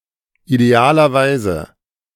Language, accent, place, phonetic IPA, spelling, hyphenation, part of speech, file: German, Germany, Berlin, [ˌideˈaːlɐˌvaɪ̯zə], idealerweise, ide‧a‧ler‧wei‧se, adverb, De-idealerweise.ogg
- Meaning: ideally